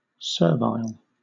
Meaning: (adjective) 1. Excessively eager to please; obsequious 2. Slavish or submissive 3. Slavish or submissive.: Of or pertaining to slaves or slavery 4. Not belonging to the original root
- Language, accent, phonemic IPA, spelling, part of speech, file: English, Southern England, /ˈsɜː(ɹ)ˌvaɪl/, servile, adjective / noun, LL-Q1860 (eng)-servile.wav